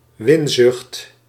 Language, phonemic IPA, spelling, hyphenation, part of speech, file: Dutch, /ˈʋɪn.zʏxt/, winzucht, win‧zucht, noun, Nl-winzucht.ogg
- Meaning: profiteering, the excessive seeking or attainment of profit